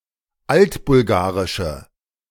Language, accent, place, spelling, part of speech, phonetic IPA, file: German, Germany, Berlin, altbulgarische, adjective, [ˈaltbʊlˌɡaːʁɪʃə], De-altbulgarische.ogg
- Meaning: inflection of altbulgarisch: 1. strong/mixed nominative/accusative feminine singular 2. strong nominative/accusative plural 3. weak nominative all-gender singular